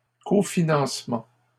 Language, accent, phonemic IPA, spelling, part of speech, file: French, Canada, /ko.fi.nɑ̃s.mɑ̃/, cofinancement, noun, LL-Q150 (fra)-cofinancement.wav
- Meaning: cofinancing; joint funding or financing